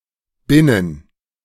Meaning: within (a time span)
- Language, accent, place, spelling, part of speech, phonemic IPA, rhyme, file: German, Germany, Berlin, binnen, preposition, /ˈbɪnən/, -ɪnən, De-binnen.ogg